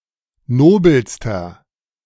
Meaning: inflection of nobel: 1. strong/mixed nominative masculine singular superlative degree 2. strong genitive/dative feminine singular superlative degree 3. strong genitive plural superlative degree
- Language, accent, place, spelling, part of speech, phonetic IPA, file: German, Germany, Berlin, nobelster, adjective, [ˈnoːbl̩stɐ], De-nobelster.ogg